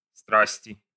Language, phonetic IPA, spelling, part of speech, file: Russian, [ˈstrasʲtʲɪ], страсти, noun, Ru-страсти.ogg
- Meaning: inflection of страсть (strastʹ): 1. genitive/dative/prepositional singular 2. nominative/accusative plural